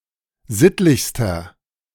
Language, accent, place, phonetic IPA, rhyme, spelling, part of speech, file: German, Germany, Berlin, [ˈzɪtlɪçstɐ], -ɪtlɪçstɐ, sittlichster, adjective, De-sittlichster.ogg
- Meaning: inflection of sittlich: 1. strong/mixed nominative masculine singular superlative degree 2. strong genitive/dative feminine singular superlative degree 3. strong genitive plural superlative degree